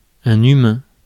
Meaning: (noun) human; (adjective) humane
- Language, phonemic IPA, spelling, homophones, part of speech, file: French, /y.mɛ̃/, humain, humains, noun / adjective, Fr-humain.ogg